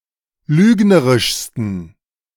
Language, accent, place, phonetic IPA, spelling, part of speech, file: German, Germany, Berlin, [ˈlyːɡnəʁɪʃstn̩], lügnerischsten, adjective, De-lügnerischsten.ogg
- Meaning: 1. superlative degree of lügnerisch 2. inflection of lügnerisch: strong genitive masculine/neuter singular superlative degree